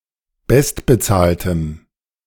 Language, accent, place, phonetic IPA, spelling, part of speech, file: German, Germany, Berlin, [ˈbɛstbəˌt͡saːltəm], bestbezahltem, adjective, De-bestbezahltem.ogg
- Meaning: strong dative masculine/neuter singular of bestbezahlt